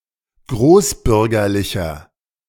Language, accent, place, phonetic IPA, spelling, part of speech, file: German, Germany, Berlin, [ˈɡʁoːsˌbʏʁɡɐlɪçɐ], großbürgerlicher, adjective, De-großbürgerlicher.ogg
- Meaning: 1. comparative degree of großbürgerlich 2. inflection of großbürgerlich: strong/mixed nominative masculine singular 3. inflection of großbürgerlich: strong genitive/dative feminine singular